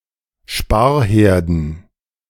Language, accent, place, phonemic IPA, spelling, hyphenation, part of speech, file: German, Germany, Berlin, /ˈʃpaːɐ̯ˌheːɐ̯dn/, Sparherden, Spar‧her‧den, noun, De-Sparherden.ogg
- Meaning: dative plural of Sparherd